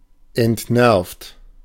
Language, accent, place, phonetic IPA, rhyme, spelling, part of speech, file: German, Germany, Berlin, [ɛntˈnɛʁft], -ɛʁft, entnervt, adjective / verb, De-entnervt.ogg
- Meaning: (verb) past participle of entnerven; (adjective) 1. exasperated 2. burnt out, worn down